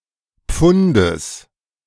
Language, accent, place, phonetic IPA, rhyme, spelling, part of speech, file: German, Germany, Berlin, [ˈp͡fʊndəs], -ʊndəs, Pfundes, noun, De-Pfundes.ogg
- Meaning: genitive singular of Pfund